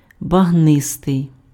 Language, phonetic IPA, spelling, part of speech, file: Ukrainian, [bɐɦˈnɪstei̯], багнистий, adjective, Uk-багнистий.ogg
- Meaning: 1. boggy, marshy, swampy 2. muddy, squashy (resembling a bog underfoot)